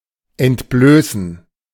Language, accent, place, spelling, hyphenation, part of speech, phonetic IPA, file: German, Germany, Berlin, entblößen, ent‧blö‧ßen, verb, [ɛntˈbløːsn̩], De-entblößen.ogg
- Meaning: 1. to divest, to denude 2. to free oneself of, to deprive of 3. to expose something hidden, to reveal